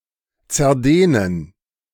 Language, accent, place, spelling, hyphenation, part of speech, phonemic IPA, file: German, Germany, Berlin, zerdehnen, zer‧deh‧nen, verb, /t͡sɛɐ̯ˈdeːnən/, De-zerdehnen.ogg
- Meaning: 1. to deform by stretching 2. to stretch out (words, syllables)